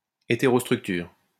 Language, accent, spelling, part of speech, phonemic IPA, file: French, France, hétérostructure, noun, /e.te.ʁɔs.tʁyk.tyʁ/, LL-Q150 (fra)-hétérostructure.wav
- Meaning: heterostructure